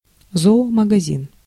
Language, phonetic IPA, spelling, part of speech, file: Russian, [ˌzooməɡɐˈzʲin], зоомагазин, noun, Ru-зоомагазин.ogg
- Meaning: pet shop, pet store